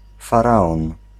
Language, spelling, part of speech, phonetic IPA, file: Polish, faraon, noun, [faˈraɔ̃n], Pl-faraon.ogg